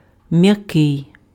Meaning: 1. soft 2. gentle 3. mild 4. soft, palatalized
- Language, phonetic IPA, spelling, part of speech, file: Ukrainian, [mjɐˈkɪi̯], м'який, adjective, Uk-м'який.ogg